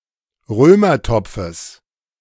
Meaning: genitive of Römertopf
- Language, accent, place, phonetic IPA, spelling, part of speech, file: German, Germany, Berlin, [ˈʁøːmɐˌtɔp͡fəs], Römertopfes, noun, De-Römertopfes.ogg